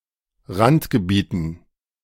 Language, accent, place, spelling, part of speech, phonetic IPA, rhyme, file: German, Germany, Berlin, Randgebieten, noun, [ˈʁantɡəˌbiːtn̩], -antɡəbiːtn̩, De-Randgebieten.ogg
- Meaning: dative plural of Randgebiet